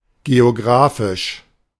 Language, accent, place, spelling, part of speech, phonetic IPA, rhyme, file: German, Germany, Berlin, geographisch, adjective, [ɡeoˈɡʁaːfɪʃ], -aːfɪʃ, De-geographisch.ogg
- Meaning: alternative spelling of geografisch